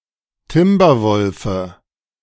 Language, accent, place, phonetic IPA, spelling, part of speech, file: German, Germany, Berlin, [ˈtɪmbɐˌvɔlfə], Timberwolfe, noun, De-Timberwolfe.ogg
- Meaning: dative of Timberwolf